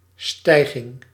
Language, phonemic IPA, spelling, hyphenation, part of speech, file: Dutch, /ˈstɛi̯.ɣɪŋ/, stijging, stij‧ging, noun, Nl-stijging.ogg
- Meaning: 1. ascent 2. increase